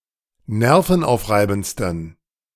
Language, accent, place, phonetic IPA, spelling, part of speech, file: German, Germany, Berlin, [ˈnɛʁfn̩ˌʔaʊ̯fʁaɪ̯bn̩t͡stən], nervenaufreibendsten, adjective, De-nervenaufreibendsten.ogg
- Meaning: 1. superlative degree of nervenaufreibend 2. inflection of nervenaufreibend: strong genitive masculine/neuter singular superlative degree